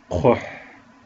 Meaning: ship
- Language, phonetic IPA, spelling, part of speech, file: Kabardian, [q͡χʷəħ], кхъухь, noun, Qhoh.ogg